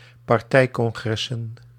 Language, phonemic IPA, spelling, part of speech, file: Dutch, /pɑrˈtɛikɔŋɣrɛsə(n)/, partijcongressen, noun, Nl-partijcongressen.ogg
- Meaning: plural of partijcongres